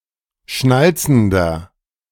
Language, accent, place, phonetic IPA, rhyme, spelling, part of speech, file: German, Germany, Berlin, [ˈʃnalt͡sn̩dɐ], -alt͡sn̩dɐ, schnalzender, adjective, De-schnalzender.ogg
- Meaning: inflection of schnalzend: 1. strong/mixed nominative masculine singular 2. strong genitive/dative feminine singular 3. strong genitive plural